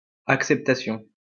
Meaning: 1. acceptance 2. approval
- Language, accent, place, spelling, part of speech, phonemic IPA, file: French, France, Lyon, acceptation, noun, /ak.sɛp.ta.sjɔ̃/, LL-Q150 (fra)-acceptation.wav